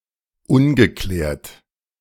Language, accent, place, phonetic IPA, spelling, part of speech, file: German, Germany, Berlin, [ˈʊnɡəˌklɛːɐ̯t], ungeklärt, adjective, De-ungeklärt.ogg
- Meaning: 1. unexplained 2. unresolved, unsettled